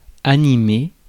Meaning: 1. to animate (give something life) 2. to animate (give vigour) 3. to animate (draw animation) 4. to spur on
- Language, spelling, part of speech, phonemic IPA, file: French, animer, verb, /a.ni.me/, Fr-animer.ogg